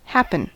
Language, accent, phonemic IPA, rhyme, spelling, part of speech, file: English, US, /ˈhæpən/, -æpən, happen, verb / adverb, En-us-happen.ogg
- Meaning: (verb) 1. To occur or take place 2. To happen to; to befall 3. To do or occur by chance or unexpectedly 4. To encounter by chance 5. To become popular or trendy; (adverb) maybe, perhaps